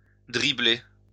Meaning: to dribble
- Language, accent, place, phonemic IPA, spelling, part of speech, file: French, France, Lyon, /dʁi.ble/, dribbler, verb, LL-Q150 (fra)-dribbler.wav